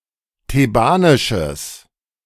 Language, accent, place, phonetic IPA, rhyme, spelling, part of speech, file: German, Germany, Berlin, [teˈbaːnɪʃəs], -aːnɪʃəs, thebanisches, adjective, De-thebanisches.ogg
- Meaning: strong/mixed nominative/accusative neuter singular of thebanisch